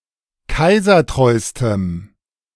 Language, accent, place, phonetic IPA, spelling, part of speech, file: German, Germany, Berlin, [ˈkaɪ̯zɐˌtʁɔɪ̯stəm], kaisertreustem, adjective, De-kaisertreustem.ogg
- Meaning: strong dative masculine/neuter singular superlative degree of kaisertreu